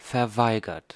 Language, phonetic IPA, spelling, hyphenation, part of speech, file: German, [fɛɐ̯ˈvaɪ̯ɡɐt], verweigert, ver‧wei‧gert, verb, De-verweigert.ogg
- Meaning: 1. past participle of verweigern 2. inflection of verweigern: third-person singular present 3. inflection of verweigern: second-person plural present 4. inflection of verweigern: plural imperative